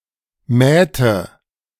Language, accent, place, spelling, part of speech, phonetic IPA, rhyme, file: German, Germany, Berlin, mähte, verb, [ˈmɛːtə], -ɛːtə, De-mähte.ogg
- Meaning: inflection of mähen: 1. first/third-person singular preterite 2. first/third-person singular subjunctive II